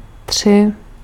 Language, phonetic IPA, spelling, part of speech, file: Czech, [ˈtr̝̊ɪ], tři, numeral / verb, Cs-tři.ogg
- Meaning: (numeral) three; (verb) second-person singular imperative of třít